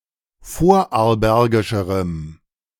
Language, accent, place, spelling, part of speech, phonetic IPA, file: German, Germany, Berlin, vorarlbergischerem, adjective, [ˈfoːɐ̯ʔaʁlˌbɛʁɡɪʃəʁəm], De-vorarlbergischerem.ogg
- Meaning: strong dative masculine/neuter singular comparative degree of vorarlbergisch